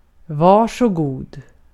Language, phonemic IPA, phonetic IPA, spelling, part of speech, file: Swedish, /ˈvɑːrsɔˈɡuː(d)/, [ˈvɑːʂɔˈɡuː(d)], varsågod, interjection, Sv-varsågod.ogg
- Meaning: 1. here you are, there you are (said when handing something over to someone) 2. you're welcome 3. please (used to introduce an offer)